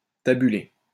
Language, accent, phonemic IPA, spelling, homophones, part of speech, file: French, France, /ta.by.le/, tabuler, tabulai / tabulé / tabulée / tabulées / tabulés / tabulez, verb, LL-Q150 (fra)-tabuler.wav
- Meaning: to tabulate